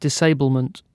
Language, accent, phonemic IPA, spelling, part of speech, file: English, UK, /dɪsˈeɪbəl.mənt/, disablement, noun, En-uk-disablement.ogg
- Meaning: The action of disabling or the state of being disabled